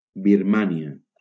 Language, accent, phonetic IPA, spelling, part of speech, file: Catalan, Valencia, [biɾˈma.ni.a], Birmània, proper noun, LL-Q7026 (cat)-Birmània.wav
- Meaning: Burma (a country in Southeast Asia)